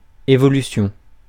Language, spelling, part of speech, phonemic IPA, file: French, évolution, noun, /e.vɔ.ly.sjɔ̃/, Fr-évolution.ogg
- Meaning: evolution